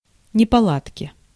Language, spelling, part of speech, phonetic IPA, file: Russian, неполадки, noun, [nʲɪpɐˈɫatkʲɪ], Ru-неполадки.ogg
- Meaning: inflection of непола́дка (nepoládka): 1. genitive singular 2. nominative/accusative plural